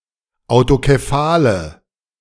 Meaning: inflection of autokephal: 1. strong/mixed nominative/accusative feminine singular 2. strong nominative/accusative plural 3. weak nominative all-gender singular
- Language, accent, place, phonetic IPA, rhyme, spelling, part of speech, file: German, Germany, Berlin, [aʊ̯tokeˈfaːlə], -aːlə, autokephale, adjective, De-autokephale.ogg